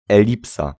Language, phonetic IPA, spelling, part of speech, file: Polish, [ɛˈlʲipsa], elipsa, noun, Pl-elipsa.ogg